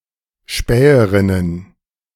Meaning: plural of Späherin
- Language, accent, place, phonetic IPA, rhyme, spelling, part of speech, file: German, Germany, Berlin, [ˈʃpɛːəʁɪnən], -ɛːəʁɪnən, Späherinnen, noun, De-Späherinnen.ogg